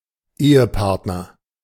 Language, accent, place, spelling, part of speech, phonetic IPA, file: German, Germany, Berlin, Ehepartner, noun, [ˈeːəˌpaʁtnɐ], De-Ehepartner.ogg
- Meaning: spouse